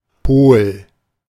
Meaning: pole (point on a spherical body's surface intersected by its rotational axis)
- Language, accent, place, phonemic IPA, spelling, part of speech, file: German, Germany, Berlin, /poːl/, Pol, noun, De-Pol.ogg